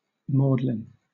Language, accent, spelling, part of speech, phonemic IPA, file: English, Southern England, maudlin, noun / adjective, /ˈmɔːd.lɪn/, LL-Q1860 (eng)-maudlin.wav
- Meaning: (noun) 1. The Magdalene; Mary Magdalene 2. Either of two aromatic plants, costmary or sweet yarrow 3. A Magdalene house; a brothel